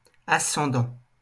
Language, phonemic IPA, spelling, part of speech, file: French, /a.sɑ̃.dɑ̃/, ascendant, verb / adjective / noun, LL-Q150 (fra)-ascendant.wav
- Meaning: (verb) present participle of ascendre; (adjective) ascendant; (noun) 1. supremacy, ascendancy 2. ancestor, forefather, progenitor